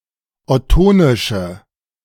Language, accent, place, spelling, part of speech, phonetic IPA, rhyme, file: German, Germany, Berlin, ottonische, adjective, [ɔˈtoːnɪʃə], -oːnɪʃə, De-ottonische.ogg
- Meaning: inflection of ottonisch: 1. strong/mixed nominative/accusative feminine singular 2. strong nominative/accusative plural 3. weak nominative all-gender singular